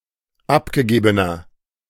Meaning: inflection of abgegeben: 1. strong/mixed nominative masculine singular 2. strong genitive/dative feminine singular 3. strong genitive plural
- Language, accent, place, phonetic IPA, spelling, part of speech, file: German, Germany, Berlin, [ˈapɡəˌɡeːbənɐ], abgegebener, adjective, De-abgegebener.ogg